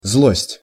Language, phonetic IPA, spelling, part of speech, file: Russian, [zɫosʲtʲ], злость, noun, Ru-злость.ogg
- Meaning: spite, malice, rage, anger, grudge (a strong feeling of displeasure, hostility or antagonism towards someone or something)